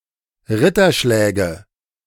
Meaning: nominative/accusative/genitive plural of Ritterschlag
- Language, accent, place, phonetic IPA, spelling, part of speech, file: German, Germany, Berlin, [ˈʁɪtɐˌʃlɛːɡə], Ritterschläge, noun, De-Ritterschläge.ogg